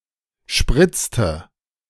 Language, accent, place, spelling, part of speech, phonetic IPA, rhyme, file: German, Germany, Berlin, spritzte, verb, [ˈʃpʁɪt͡stə], -ɪt͡stə, De-spritzte.ogg
- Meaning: inflection of spritzen: 1. first/third-person singular preterite 2. first/third-person singular subjunctive II